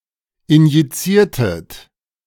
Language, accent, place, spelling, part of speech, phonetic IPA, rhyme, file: German, Germany, Berlin, injiziertet, verb, [ɪnjiˈt͡siːɐ̯tət], -iːɐ̯tət, De-injiziertet.ogg
- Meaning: inflection of injizieren: 1. second-person plural preterite 2. second-person plural subjunctive II